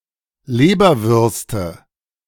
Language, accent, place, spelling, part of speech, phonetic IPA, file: German, Germany, Berlin, Leberwürste, noun, [ˈleːbɐvʏʁstə], De-Leberwürste.ogg
- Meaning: nominative/accusative/genitive plural of Leberwurst